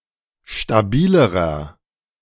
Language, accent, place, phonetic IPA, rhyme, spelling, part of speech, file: German, Germany, Berlin, [ʃtaˈbiːləʁɐ], -iːləʁɐ, stabilerer, adjective, De-stabilerer.ogg
- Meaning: inflection of stabil: 1. strong/mixed nominative masculine singular comparative degree 2. strong genitive/dative feminine singular comparative degree 3. strong genitive plural comparative degree